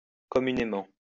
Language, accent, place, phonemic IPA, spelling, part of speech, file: French, France, Lyon, /kɔ.my.ne.mɑ̃/, communément, adverb, LL-Q150 (fra)-communément.wav
- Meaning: 1. commonly, collectively, communally 2. popularly